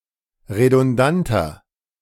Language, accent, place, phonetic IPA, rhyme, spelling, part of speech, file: German, Germany, Berlin, [ʁedʊnˈdantɐ], -antɐ, redundanter, adjective, De-redundanter.ogg
- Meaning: 1. comparative degree of redundant 2. inflection of redundant: strong/mixed nominative masculine singular 3. inflection of redundant: strong genitive/dative feminine singular